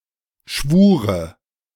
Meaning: dative of Schwur
- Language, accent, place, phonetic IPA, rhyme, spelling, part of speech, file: German, Germany, Berlin, [ˈʃvuːʁə], -uːʁə, Schwure, noun, De-Schwure.ogg